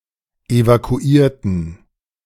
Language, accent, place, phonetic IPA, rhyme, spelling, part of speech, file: German, Germany, Berlin, [evakuˈiːɐ̯tn̩], -iːɐ̯tn̩, evakuierten, adjective / verb, De-evakuierten.ogg
- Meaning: inflection of evakuieren: 1. first/third-person plural preterite 2. first/third-person plural subjunctive II